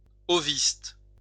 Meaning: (adjective) ovist
- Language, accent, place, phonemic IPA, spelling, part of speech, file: French, France, Lyon, /ɔ.vist/, oviste, adjective / noun, LL-Q150 (fra)-oviste.wav